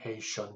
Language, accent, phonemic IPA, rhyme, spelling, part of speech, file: English, US, /ˈheɪ.ʃən/, -eɪʃən, Haitian, noun / proper noun / adjective, Haitian USA.ogg
- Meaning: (noun) A person from Haiti or of Haitian descent; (proper noun) Haitian Creole, one of the official languages of Haiti; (adjective) Of, from, or pertaining to Haiti, its inhabitants, or their language